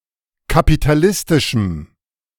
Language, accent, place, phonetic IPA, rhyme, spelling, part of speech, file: German, Germany, Berlin, [kapitaˈlɪstɪʃm̩], -ɪstɪʃm̩, kapitalistischem, adjective, De-kapitalistischem.ogg
- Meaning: strong dative masculine/neuter singular of kapitalistisch